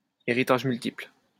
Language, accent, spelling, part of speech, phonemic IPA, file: French, France, héritage multiple, noun, /e.ʁi.taʒ myl.tipl/, LL-Q150 (fra)-héritage multiple.wav
- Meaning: multiple inheritance